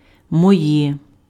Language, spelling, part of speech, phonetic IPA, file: Ukrainian, моє, pronoun, [mɔˈjɛ], Uk-моє.ogg
- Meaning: nominative/accusative/vocative neuter singular of мій (mij)